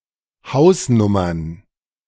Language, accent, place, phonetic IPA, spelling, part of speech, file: German, Germany, Berlin, [ˈhaʊ̯sˌnʊmɐn], Hausnummern, noun, De-Hausnummern.ogg
- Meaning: plural of Hausnummer